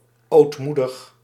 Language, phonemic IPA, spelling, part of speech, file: Dutch, /oːtˈmu.dəx/, ootmoedig, adjective, Nl-ootmoedig.ogg
- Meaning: meek, humble